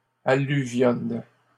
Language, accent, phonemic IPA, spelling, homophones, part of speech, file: French, Canada, /a.ly.vjɔn/, alluvionnent, alluvionne / alluvionnes, verb, LL-Q150 (fra)-alluvionnent.wav
- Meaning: third-person plural present indicative/subjunctive of alluvionner